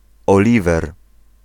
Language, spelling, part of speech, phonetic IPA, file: Polish, Oliwer, proper noun, [ɔˈlʲivɛr], Pl-Oliwer.ogg